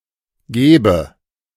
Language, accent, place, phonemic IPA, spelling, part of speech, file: German, Germany, Berlin, /ˈɡeːbə/, gebe, verb, De-gebe.ogg
- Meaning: inflection of geben: 1. first-person singular present 2. first/third-person singular subjunctive I